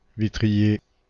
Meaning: glazier (craftsman who works with glass, fitting windows, etc.)
- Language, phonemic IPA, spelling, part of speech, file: French, /vi.tʁi.je/, vitrier, noun, Fr-vitrier.ogg